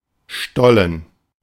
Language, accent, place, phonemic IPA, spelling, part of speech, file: German, Germany, Berlin, /ˈʃtɔlən/, Stollen, noun, De-Stollen.ogg
- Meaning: 1. gallery; tunnel (long cavity in rock, usually man-made, but sometimes natural) 2. stud; cleat (protrusion on a shoe, especially a football shoe) 3. stollen (kind of cake)